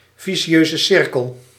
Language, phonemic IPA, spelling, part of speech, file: Dutch, /viˈʃøzəˌsɪrkəl/, vicieuze cirkel, noun, Nl-vicieuze cirkel.ogg
- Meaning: vicious circle